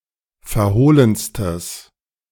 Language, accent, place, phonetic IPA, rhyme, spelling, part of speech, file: German, Germany, Berlin, [fɛɐ̯ˈhoːlənstəs], -oːlənstəs, verhohlenstes, adjective, De-verhohlenstes.ogg
- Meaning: strong/mixed nominative/accusative neuter singular superlative degree of verhohlen